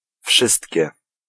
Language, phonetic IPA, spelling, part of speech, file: Polish, [ˈfʃɨstʲcɛ], wszystkie, pronoun, Pl-wszystkie.ogg